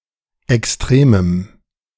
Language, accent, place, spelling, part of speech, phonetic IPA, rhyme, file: German, Germany, Berlin, extremem, adjective, [ɛksˈtʁeːməm], -eːməm, De-extremem.ogg
- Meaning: strong dative masculine/neuter singular of extrem